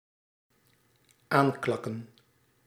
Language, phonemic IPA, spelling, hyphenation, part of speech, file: Dutch, /ˈaːnˌkɑ.kə(n)/, aankakken, aan‧kak‧ken, verb, Nl-aankakken.ogg
- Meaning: to drawl (near), to arrive or approach slowly and leisurely